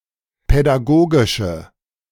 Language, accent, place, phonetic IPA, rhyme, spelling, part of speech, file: German, Germany, Berlin, [pɛdaˈɡoːɡɪʃə], -oːɡɪʃə, pädagogische, adjective, De-pädagogische.ogg
- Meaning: inflection of pädagogisch: 1. strong/mixed nominative/accusative feminine singular 2. strong nominative/accusative plural 3. weak nominative all-gender singular